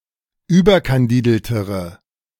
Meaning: inflection of überkandidelt: 1. strong/mixed nominative/accusative feminine singular comparative degree 2. strong nominative/accusative plural comparative degree
- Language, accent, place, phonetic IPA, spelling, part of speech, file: German, Germany, Berlin, [ˈyːbɐkanˌdiːdl̩təʁə], überkandideltere, adjective, De-überkandideltere.ogg